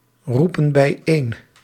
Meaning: inflection of bijeenroepen: 1. plural present indicative 2. plural present subjunctive
- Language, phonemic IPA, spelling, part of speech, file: Dutch, /ˈrupə(n) bɛiˈen/, roepen bijeen, verb, Nl-roepen bijeen.ogg